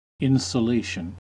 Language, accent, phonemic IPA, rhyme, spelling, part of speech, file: English, US, /ˌɪnsəˈleɪʃən/, -eɪʃən, insulation, noun, En-us-insulation.ogg
- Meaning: 1. The act of insulating; detachment from other objects; isolation 2. The state of being insulated; detachment from other objects; isolation